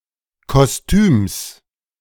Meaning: genitive singular of Kostüm
- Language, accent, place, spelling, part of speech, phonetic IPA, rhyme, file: German, Germany, Berlin, Kostüms, noun, [kɔsˈtyːms], -yːms, De-Kostüms.ogg